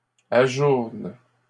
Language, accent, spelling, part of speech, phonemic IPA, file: French, Canada, ajournes, verb, /a.ʒuʁn/, LL-Q150 (fra)-ajournes.wav
- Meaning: second-person singular present indicative/subjunctive of ajourner